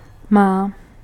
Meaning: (verb) third-person singular present indicative of mít; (pronoun) inflection of můj: 1. feminine singular nominative/vocative 2. neuter plural nominative/accusative/vocative
- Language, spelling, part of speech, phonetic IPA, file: Czech, má, verb / pronoun, [ˈmaː], Cs-má.ogg